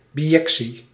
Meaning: bijection
- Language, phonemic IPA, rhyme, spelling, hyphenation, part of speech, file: Dutch, /ˌbiˈjɛk.si/, -ɛksi, bijectie, bi‧jec‧tie, noun, Nl-bijectie.ogg